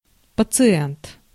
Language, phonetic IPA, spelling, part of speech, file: Russian, [pət͡sɨˈɛnt], пациент, noun, Ru-пациент.ogg
- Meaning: patient